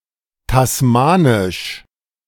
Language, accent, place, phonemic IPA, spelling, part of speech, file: German, Germany, Berlin, /tasˈmaːnɪʃ/, tasmanisch, adjective, De-tasmanisch.ogg
- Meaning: Tasmanian